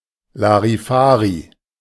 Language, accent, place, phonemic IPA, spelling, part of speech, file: German, Germany, Berlin, /laʁiˈfaːʁi/, larifari, adjective, De-larifari.ogg
- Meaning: sloppy, lacking in direction and commitment